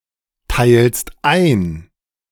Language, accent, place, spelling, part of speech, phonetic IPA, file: German, Germany, Berlin, teilst ein, verb, [ˌtaɪ̯lst ˈaɪ̯n], De-teilst ein.ogg
- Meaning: second-person singular present of einteilen